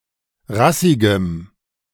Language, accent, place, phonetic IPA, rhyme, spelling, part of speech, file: German, Germany, Berlin, [ˈʁasɪɡəm], -asɪɡəm, rassigem, adjective, De-rassigem.ogg
- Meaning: strong dative masculine/neuter singular of rassig